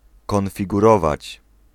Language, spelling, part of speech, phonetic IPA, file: Polish, konfigurować, verb, [ˌkɔ̃nfʲiɡuˈrɔvat͡ɕ], Pl-konfigurować.ogg